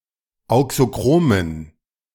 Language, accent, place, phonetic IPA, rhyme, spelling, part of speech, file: German, Germany, Berlin, [ˌaʊ̯ksoˈkʁoːmən], -oːmən, auxochromen, adjective, De-auxochromen.ogg
- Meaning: inflection of auxochrom: 1. strong genitive masculine/neuter singular 2. weak/mixed genitive/dative all-gender singular 3. strong/weak/mixed accusative masculine singular 4. strong dative plural